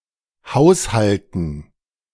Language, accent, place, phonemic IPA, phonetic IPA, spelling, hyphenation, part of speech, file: German, Germany, Berlin, /ˈhaʊ̯sˌhaltən/, [ˈhaʊ̯sˌhaltn̩], Haushalten, Haus‧hal‧ten, noun, De-Haushalten.ogg
- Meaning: 1. gerund of haushalten 2. dative plural of Haushalt